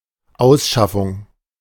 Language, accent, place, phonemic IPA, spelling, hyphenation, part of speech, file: German, Germany, Berlin, /ˈaʊ̯sˌʃafʊŋ/, Ausschaffung, Aus‧schaf‧fung, noun, De-Ausschaffung.ogg
- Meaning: deportation